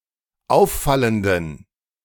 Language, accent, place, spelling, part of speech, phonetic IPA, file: German, Germany, Berlin, auffallenden, adjective, [ˈaʊ̯fˌfaləndn̩], De-auffallenden.ogg
- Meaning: inflection of auffallend: 1. strong genitive masculine/neuter singular 2. weak/mixed genitive/dative all-gender singular 3. strong/weak/mixed accusative masculine singular 4. strong dative plural